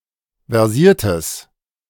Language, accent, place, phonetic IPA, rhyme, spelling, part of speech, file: German, Germany, Berlin, [vɛʁˈziːɐ̯təs], -iːɐ̯təs, versiertes, adjective, De-versiertes.ogg
- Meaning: strong/mixed nominative/accusative neuter singular of versiert